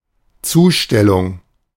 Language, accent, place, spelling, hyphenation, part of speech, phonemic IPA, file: German, Germany, Berlin, Zustellung, Zu‧stel‧lung, noun, /ˈt͡suːˌʃtɛlʊŋ/, De-Zustellung.ogg
- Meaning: delivery